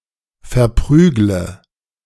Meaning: inflection of verprügeln: 1. first-person singular present 2. first/third-person singular subjunctive I 3. singular imperative
- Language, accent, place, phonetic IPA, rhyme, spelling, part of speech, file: German, Germany, Berlin, [fɛɐ̯ˈpʁyːɡlə], -yːɡlə, verprügle, verb, De-verprügle.ogg